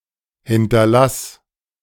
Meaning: singular imperative of hinterlassen
- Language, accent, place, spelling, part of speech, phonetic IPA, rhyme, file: German, Germany, Berlin, hinterlass, verb, [ˌhɪntɐˈlas], -as, De-hinterlass.ogg